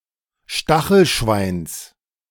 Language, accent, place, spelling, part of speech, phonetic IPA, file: German, Germany, Berlin, Stachelschweins, noun, [ˈʃtaxl̩ˌʃvaɪ̯ns], De-Stachelschweins.ogg
- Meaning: genitive singular of Stachelschwein